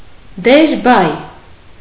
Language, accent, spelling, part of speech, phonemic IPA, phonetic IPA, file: Armenian, Eastern Armenian, դերբայ, noun, /deɾˈbɑj/, [deɾbɑ́j], Hy-դերբայ.ogg
- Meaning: 1. participle 2. converb